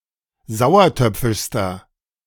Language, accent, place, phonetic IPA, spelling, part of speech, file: German, Germany, Berlin, [ˈzaʊ̯ɐˌtœp͡fɪʃstɐ], sauertöpfischster, adjective, De-sauertöpfischster.ogg
- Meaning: inflection of sauertöpfisch: 1. strong/mixed nominative masculine singular superlative degree 2. strong genitive/dative feminine singular superlative degree